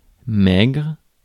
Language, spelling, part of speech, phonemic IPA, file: French, maigre, adjective / noun, /mɛɡʁ/, Fr-maigre.ogg
- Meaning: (adjective) 1. meagre, skinny 2. lean, thin; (noun) meagre (fish)